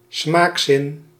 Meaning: sense of taste
- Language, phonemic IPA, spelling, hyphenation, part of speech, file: Dutch, /ˈsmaːk.sɪn/, smaakzin, smaak‧zin, noun, Nl-smaakzin.ogg